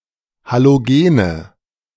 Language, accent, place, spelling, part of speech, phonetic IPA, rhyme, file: German, Germany, Berlin, Halogene, noun, [ˌhaloˈɡeːnə], -eːnə, De-Halogene.ogg
- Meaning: nominative/accusative/genitive plural of Halogen